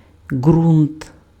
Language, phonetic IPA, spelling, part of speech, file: Ukrainian, [ɡrunt], ґрунт, noun, Uk-ґрунт.ogg
- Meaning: 1. soil, ground, bottom 2. allotment land 3. ground, basis, foundation